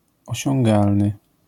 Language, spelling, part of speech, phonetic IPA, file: Polish, osiągalny, adjective, [ˌɔɕɔ̃ŋˈɡalnɨ], LL-Q809 (pol)-osiągalny.wav